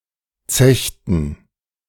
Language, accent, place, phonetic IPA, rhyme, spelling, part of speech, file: German, Germany, Berlin, [ˈt͡sɛçtn̩], -ɛçtn̩, zechten, verb, De-zechten.ogg
- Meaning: inflection of zechen: 1. first/third-person plural preterite 2. first/third-person plural subjunctive II